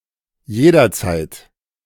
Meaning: anytime
- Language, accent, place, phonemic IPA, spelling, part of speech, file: German, Germany, Berlin, /ˈjeːdɐˌt͡saɪ̯t/, jederzeit, adverb, De-jederzeit.ogg